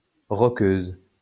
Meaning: female equivalent of rockeur
- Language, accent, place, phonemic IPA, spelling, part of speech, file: French, France, Lyon, /ʁɔ.køz/, rockeuse, noun, LL-Q150 (fra)-rockeuse.wav